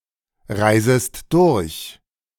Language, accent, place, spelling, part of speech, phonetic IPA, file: German, Germany, Berlin, reisest durch, verb, [ˌʁaɪ̯zəst ˈdʊʁç], De-reisest durch.ogg
- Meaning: second-person singular subjunctive I of durchreisen